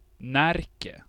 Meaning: Närke (a historical province of Sweden)
- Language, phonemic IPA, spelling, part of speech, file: Swedish, /ˈnɛrkɛ/, Närke, proper noun, Sv-Närke.ogg